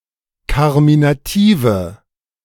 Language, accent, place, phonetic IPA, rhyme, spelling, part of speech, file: German, Germany, Berlin, [ˌkaʁminaˈtiːvə], -iːvə, karminative, adjective, De-karminative.ogg
- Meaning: inflection of karminativ: 1. strong/mixed nominative/accusative feminine singular 2. strong nominative/accusative plural 3. weak nominative all-gender singular